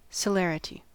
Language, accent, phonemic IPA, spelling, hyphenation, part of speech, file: English, US, /səˈlɛr.ɪ.ti/, celerity, ce‧ler‧i‧ty, noun, En-us-celerity.ogg
- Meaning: 1. Speed, swiftness 2. The speed of an individual wave (as opposed to the speed of groups of waves); often denoted c